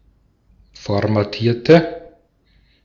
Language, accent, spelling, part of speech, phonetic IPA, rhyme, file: German, Austria, formatierte, adjective / verb, [fɔʁmaˈtiːɐ̯tə], -iːɐ̯tə, De-at-formatierte.ogg
- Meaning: inflection of formatieren: 1. first/third-person singular preterite 2. first/third-person singular subjunctive II